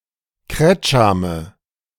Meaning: nominative/accusative/genitive plural of Kretscham
- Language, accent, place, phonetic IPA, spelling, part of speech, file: German, Germany, Berlin, [ˈkʁɛt͡ʃamə], Kretschame, noun, De-Kretschame.ogg